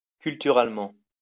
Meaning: culturally
- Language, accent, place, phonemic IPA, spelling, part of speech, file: French, France, Lyon, /kyl.ty.ʁal.mɑ̃/, culturalement, adverb, LL-Q150 (fra)-culturalement.wav